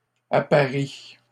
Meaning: inflection of apparier: 1. first/third-person singular present indicative/subjunctive 2. second-person singular imperative
- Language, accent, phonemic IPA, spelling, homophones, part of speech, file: French, Canada, /a.pa.ʁi/, apparie, apparient / apparies, verb, LL-Q150 (fra)-apparie.wav